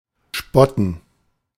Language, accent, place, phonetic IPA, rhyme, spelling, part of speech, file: German, Germany, Berlin, [ˈʃpɔtn̩], -ɔtn̩, spotten, verb, De-spotten.ogg
- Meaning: to scoff, to jeer, to mock